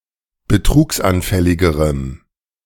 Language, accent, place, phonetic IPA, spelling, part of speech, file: German, Germany, Berlin, [bəˈtʁuːksʔanˌfɛlɪɡəʁəm], betrugsanfälligerem, adjective, De-betrugsanfälligerem.ogg
- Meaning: strong dative masculine/neuter singular comparative degree of betrugsanfällig